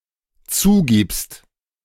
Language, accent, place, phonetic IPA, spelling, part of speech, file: German, Germany, Berlin, [ˈt͡suːˌɡiːpst], zugibst, verb, De-zugibst.ogg
- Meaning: second-person singular dependent present of zugeben